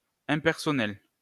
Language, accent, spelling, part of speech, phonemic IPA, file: French, France, impersonnel, adjective, /ɛ̃.pɛʁ.sɔ.nɛl/, LL-Q150 (fra)-impersonnel.wav
- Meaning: 1. impersonal (not relating to a person) 2. impersonal, banal, nondescript 3. impersonal